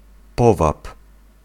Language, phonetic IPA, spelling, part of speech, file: Polish, [ˈpɔvap], powab, noun, Pl-powab.ogg